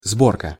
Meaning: 1. assembly (e.g. of devices or machines) 2. pleat
- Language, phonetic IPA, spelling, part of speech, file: Russian, [ˈzborkə], сборка, noun, Ru-сборка.ogg